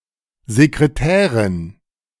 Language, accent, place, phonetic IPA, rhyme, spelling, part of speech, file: German, Germany, Berlin, [zekʁeˈtɛːʁɪn], -ɛːʁɪn, Sekretärin, noun, De-Sekretärin.ogg
- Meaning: female secretary